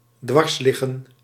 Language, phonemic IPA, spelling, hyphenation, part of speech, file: Dutch, /ˈdʋɑrsˌlɪ.ɣə(n)/, dwarsliggen, dwars‧lig‧gen, verb, Nl-dwarsliggen.ogg
- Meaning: to hamper, to obstruct, to oppose implacably